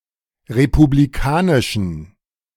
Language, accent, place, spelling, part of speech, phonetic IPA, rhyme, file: German, Germany, Berlin, republikanischen, adjective, [ʁepubliˈkaːnɪʃn̩], -aːnɪʃn̩, De-republikanischen.ogg
- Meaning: inflection of republikanisch: 1. strong genitive masculine/neuter singular 2. weak/mixed genitive/dative all-gender singular 3. strong/weak/mixed accusative masculine singular 4. strong dative plural